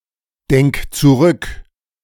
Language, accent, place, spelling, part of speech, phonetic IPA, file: German, Germany, Berlin, denk zurück, verb, [ˌdɛŋk t͡suˈʁʏk], De-denk zurück.ogg
- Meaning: singular imperative of zurückdenken